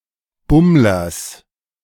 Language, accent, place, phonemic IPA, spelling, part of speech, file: German, Germany, Berlin, /ˈbʊmlɐs/, Bummlers, noun, De-Bummlers.ogg
- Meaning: genitive singular of Bummler